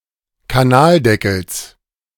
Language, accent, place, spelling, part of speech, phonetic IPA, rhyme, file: German, Germany, Berlin, Kanaldeckels, noun, [kaˈnaːlˌdɛkl̩s], -aːldɛkl̩s, De-Kanaldeckels.ogg
- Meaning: genitive of Kanaldeckel